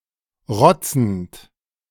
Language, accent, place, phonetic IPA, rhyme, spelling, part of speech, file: German, Germany, Berlin, [ˈʁɔt͡sn̩t], -ɔt͡sn̩t, rotzend, verb, De-rotzend.ogg
- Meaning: present participle of rotzen